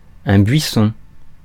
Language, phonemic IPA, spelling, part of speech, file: French, /bɥi.sɔ̃/, buisson, noun, Fr-buisson.ogg
- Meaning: 1. bush 2. brush, thicket (wild vegetation)